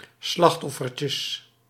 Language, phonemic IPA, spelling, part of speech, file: Dutch, /ˈslɑxtɔfərcəs/, slachtoffertjes, noun, Nl-slachtoffertjes.ogg
- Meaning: plural of slachtoffertje